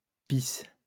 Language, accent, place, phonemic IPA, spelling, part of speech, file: French, France, Lyon, /pis/, pisses, verb, LL-Q150 (fra)-pisses.wav
- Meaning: second-person singular present indicative/subjunctive of pisser